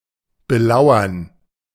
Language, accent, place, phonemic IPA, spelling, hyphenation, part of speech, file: German, Germany, Berlin, /bəˈlaʊ̯ɐn/, belauern, be‧lau‧ern, verb, De-belauern.ogg
- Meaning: to spy on, to watch secretly